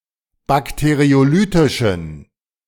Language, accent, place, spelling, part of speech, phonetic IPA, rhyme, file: German, Germany, Berlin, bakteriolytischen, adjective, [ˌbakteʁioˈlyːtɪʃn̩], -yːtɪʃn̩, De-bakteriolytischen.ogg
- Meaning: inflection of bakteriolytisch: 1. strong genitive masculine/neuter singular 2. weak/mixed genitive/dative all-gender singular 3. strong/weak/mixed accusative masculine singular 4. strong dative plural